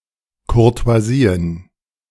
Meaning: plural of Courtoisie
- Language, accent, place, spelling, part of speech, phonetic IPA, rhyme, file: German, Germany, Berlin, Courtoisien, noun, [kʊʁto̯aˈziːən], -iːən, De-Courtoisien.ogg